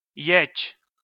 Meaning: the name of the Armenian letter ե (e)
- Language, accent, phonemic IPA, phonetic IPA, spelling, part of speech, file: Armenian, Eastern Armenian, /jet͡ʃʰ/, [jet͡ʃʰ], եչ, noun, Hy-եչ.ogg